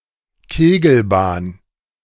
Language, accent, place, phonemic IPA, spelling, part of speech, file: German, Germany, Berlin, /ˈkeːɡl̩ˌbaːn/, Kegelbahn, noun, De-Kegelbahn.ogg
- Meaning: bowling alley